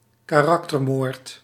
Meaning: character assassination
- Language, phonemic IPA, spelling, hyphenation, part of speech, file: Dutch, /kaːˈrɑk.tərˌmoːrt/, karaktermoord, ka‧rak‧ter‧moord, noun, Nl-karaktermoord.ogg